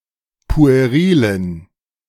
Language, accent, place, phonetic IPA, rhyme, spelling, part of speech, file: German, Germany, Berlin, [pu̯eˈʁiːlən], -iːlən, puerilen, adjective, De-puerilen.ogg
- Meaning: inflection of pueril: 1. strong genitive masculine/neuter singular 2. weak/mixed genitive/dative all-gender singular 3. strong/weak/mixed accusative masculine singular 4. strong dative plural